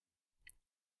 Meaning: second-person plural subjunctive I of nageln
- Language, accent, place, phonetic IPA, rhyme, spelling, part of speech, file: German, Germany, Berlin, [ˈnaːɡələt], -aːɡələt, nagelet, verb, De-nagelet.ogg